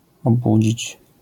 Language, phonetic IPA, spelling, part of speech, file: Polish, [ɔˈbud͡ʑit͡ɕ], obudzić, verb, LL-Q809 (pol)-obudzić.wav